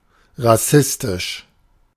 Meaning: racist
- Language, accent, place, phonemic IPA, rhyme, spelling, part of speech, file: German, Germany, Berlin, /ʁaˈsɪstɪʃ/, -ɪstɪʃ, rassistisch, adjective, De-rassistisch.ogg